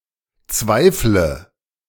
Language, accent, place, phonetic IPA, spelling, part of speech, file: German, Germany, Berlin, [ˈt͡svaɪ̯flə], zweifle, verb, De-zweifle.ogg
- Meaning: inflection of zweifeln: 1. first-person singular present 2. singular imperative 3. first/third-person singular subjunctive I